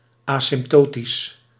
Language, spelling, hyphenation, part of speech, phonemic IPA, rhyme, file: Dutch, asymptotisch, asymp‧to‧tisch, adjective, /ˌaː.sɪmpˈtoː.tis/, -oːtis, Nl-asymptotisch.ogg
- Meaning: asymptotic